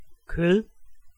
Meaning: 1. meat 2. flesh
- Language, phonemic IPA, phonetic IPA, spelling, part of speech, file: Danish, /køð/, [kʰøð̠˕ˠ], kød, noun, Da-kød.ogg